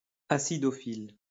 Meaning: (adjective) acidophilic; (noun) acidophile
- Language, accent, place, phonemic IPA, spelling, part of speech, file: French, France, Lyon, /a.si.dɔ.fil/, acidophile, adjective / noun, LL-Q150 (fra)-acidophile.wav